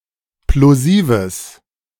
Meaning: strong/mixed nominative/accusative neuter singular of plosiv
- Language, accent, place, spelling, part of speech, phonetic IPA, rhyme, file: German, Germany, Berlin, plosives, adjective, [ploˈziːvəs], -iːvəs, De-plosives.ogg